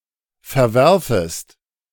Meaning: second-person singular subjunctive I of verwerfen
- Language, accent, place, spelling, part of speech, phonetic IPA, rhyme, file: German, Germany, Berlin, verwerfest, verb, [fɛɐ̯ˈvɛʁfəst], -ɛʁfəst, De-verwerfest.ogg